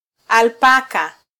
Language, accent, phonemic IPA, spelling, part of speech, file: Swahili, Kenya, /ɑlˈpɑ.kɑ/, alpaka, noun, Sw-ke-alpaka.flac
- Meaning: alpaca (camelid animal)